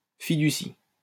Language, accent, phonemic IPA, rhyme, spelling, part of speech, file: French, France, /fi.dy.si/, -i, fiducie, noun, LL-Q150 (fra)-fiducie.wav
- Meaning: escrow, trust